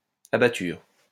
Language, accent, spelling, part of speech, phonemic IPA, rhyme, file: French, France, abatture, noun, /a.ba.tyʁ/, -yʁ, LL-Q150 (fra)-abatture.wav
- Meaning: alternative form of abattage